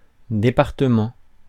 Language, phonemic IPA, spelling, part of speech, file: French, /de.paʁ.tə.mɑ̃/, département, noun, Fr-département.ogg
- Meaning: 1. department 2. département